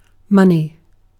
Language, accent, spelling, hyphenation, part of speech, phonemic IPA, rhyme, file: English, UK, money, mon‧ey, noun / adjective, /ˈmʌn.i/, -ʌni, En-uk-money.ogg
- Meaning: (noun) 1. A generally accepted means of exchange 2. A currency maintained by a state or other entity which can guarantee its value (such as a monetary union)